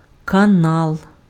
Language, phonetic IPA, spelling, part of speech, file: Ukrainian, [kɐˈnaɫ], канал, noun, Uk-канал.ogg
- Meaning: 1. channel 2. canal (artificial waterway)